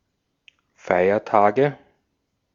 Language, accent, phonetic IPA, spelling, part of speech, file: German, Austria, [ˈfaɪ̯ɐˌtaːɡə], Feiertage, noun, De-at-Feiertage.ogg
- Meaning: nominative/accusative/genitive plural of Feiertag